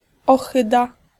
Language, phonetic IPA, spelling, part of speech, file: Polish, [ɔˈxɨda], ohyda, noun, Pl-ohyda.ogg